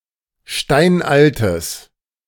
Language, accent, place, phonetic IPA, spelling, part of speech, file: German, Germany, Berlin, [ˈʃtaɪ̯nʔaltəs], steinaltes, adjective, De-steinaltes.ogg
- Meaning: strong/mixed nominative/accusative neuter singular of steinalt